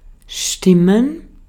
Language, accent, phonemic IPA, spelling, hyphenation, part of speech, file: German, Austria, /ˈʃtɪmən/, stimmen, stim‧men, verb, De-at-stimmen.ogg
- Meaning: 1. to be right, to be correct, to be proper, to be true 2. to vote 3. to tune 4. to make (someone happy, sad, etc.)